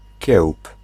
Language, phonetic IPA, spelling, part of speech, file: Polish, [cɛwp], kiełb, noun, Pl-kiełb.ogg